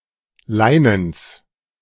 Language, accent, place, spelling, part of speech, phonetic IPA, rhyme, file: German, Germany, Berlin, Leinens, noun, [ˈlaɪ̯nəns], -aɪ̯nəns, De-Leinens.ogg
- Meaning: genitive singular of Leinen